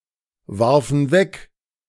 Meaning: first/third-person plural preterite of wegwerfen
- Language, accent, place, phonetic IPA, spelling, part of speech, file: German, Germany, Berlin, [ˌvaʁfn̩ ˈvɛk], warfen weg, verb, De-warfen weg.ogg